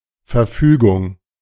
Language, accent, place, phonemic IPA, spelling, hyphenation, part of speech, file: German, Germany, Berlin, /fɛɐ̯ˈfyːɡʊŋ/, Verfügung, Ver‧fü‧gung, noun, De-Verfügung.ogg
- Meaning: 1. disposal, disposition (control over something) 2. injunction, decree